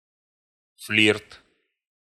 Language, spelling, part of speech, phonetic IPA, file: Russian, флирт, noun, [flʲirt], Ru-флирт.ogg
- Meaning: flirt (act of flirting)